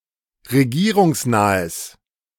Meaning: strong/mixed nominative/accusative neuter singular of regierungsnah
- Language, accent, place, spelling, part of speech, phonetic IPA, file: German, Germany, Berlin, regierungsnahes, adjective, [ʁeˈɡiːʁʊŋsˌnaːəs], De-regierungsnahes.ogg